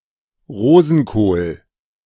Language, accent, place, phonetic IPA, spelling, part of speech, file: German, Germany, Berlin, [ˈʁoːzn̩ˌkoːl], Rosenkohl, noun, De-Rosenkohl.ogg
- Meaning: Brussels sprout